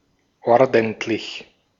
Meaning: 1. tidy, orderly 2. honest, decent 3. good, proper, big, large, considerable 4. proper, big, large
- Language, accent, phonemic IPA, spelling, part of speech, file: German, Austria, /ˈɔʁdəntlɪç/, ordentlich, adjective, De-at-ordentlich.ogg